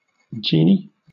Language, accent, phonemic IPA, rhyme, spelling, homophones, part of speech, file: English, Southern England, /ˈd͡ʒiːni/, -iːni, Genie, genie / Jeannie, proper noun, LL-Q1860 (eng)-Genie.wav
- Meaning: 1. A male given name, diminutive of Eugene and pet form of Gene 2. A female given name, diminutive of Eugenie and Eugenia